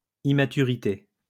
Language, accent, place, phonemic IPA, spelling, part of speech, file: French, France, Lyon, /i.ma.ty.ʁi.te/, immaturité, noun, LL-Q150 (fra)-immaturité.wav
- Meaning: immaturity